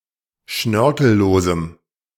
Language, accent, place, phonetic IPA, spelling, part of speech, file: German, Germany, Berlin, [ˈʃnœʁkl̩ˌloːzm̩], schnörkellosem, adjective, De-schnörkellosem.ogg
- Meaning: strong dative masculine/neuter singular of schnörkellos